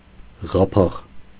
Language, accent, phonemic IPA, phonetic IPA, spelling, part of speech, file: Armenian, Eastern Armenian, /ʁɑˈpʰɑʁ/, [ʁɑpʰɑ́ʁ], ղափաղ, noun, Hy-ղափաղ.ogg
- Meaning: lid, cover